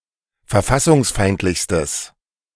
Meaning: strong/mixed nominative/accusative neuter singular superlative degree of verfassungsfeindlich
- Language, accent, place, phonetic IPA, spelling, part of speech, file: German, Germany, Berlin, [fɛɐ̯ˈfasʊŋsˌfaɪ̯ntlɪçstəs], verfassungsfeindlichstes, adjective, De-verfassungsfeindlichstes.ogg